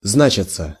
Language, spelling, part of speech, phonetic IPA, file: Russian, значиться, verb, [ˈznat͡ɕɪt͡sə], Ru-значиться.ogg
- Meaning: 1. to be mentioned, to appear 2. to be listed, to be registered 3. passive of зна́чить (znáčitʹ)